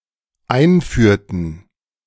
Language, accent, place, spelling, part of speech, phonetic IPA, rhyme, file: German, Germany, Berlin, einführten, verb, [ˈaɪ̯nˌfyːɐ̯tn̩], -aɪ̯nfyːɐ̯tn̩, De-einführten.ogg
- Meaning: inflection of einführen: 1. first/third-person plural dependent preterite 2. first/third-person plural dependent subjunctive II